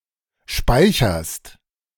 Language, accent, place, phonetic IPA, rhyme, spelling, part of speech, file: German, Germany, Berlin, [ˈʃpaɪ̯çɐst], -aɪ̯çɐst, speicherst, verb, De-speicherst.ogg
- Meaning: second-person singular present of speichern